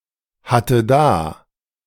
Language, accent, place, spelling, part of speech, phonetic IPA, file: German, Germany, Berlin, hatte da, verb, [ˌhatə ˈdaː], De-hatte da.ogg
- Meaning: first/third-person singular preterite of dahaben